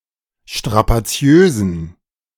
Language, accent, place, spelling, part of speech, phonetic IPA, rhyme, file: German, Germany, Berlin, strapaziösen, adjective, [ʃtʁapaˈt͡si̯øːzn̩], -øːzn̩, De-strapaziösen.ogg
- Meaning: inflection of strapaziös: 1. strong genitive masculine/neuter singular 2. weak/mixed genitive/dative all-gender singular 3. strong/weak/mixed accusative masculine singular 4. strong dative plural